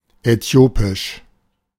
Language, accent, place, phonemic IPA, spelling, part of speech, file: German, Germany, Berlin, /ɛˈtjoːpɪʃ/, äthiopisch, adjective, De-äthiopisch.ogg
- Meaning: Ethiopian (of, from, or pertaining to Ethiopia)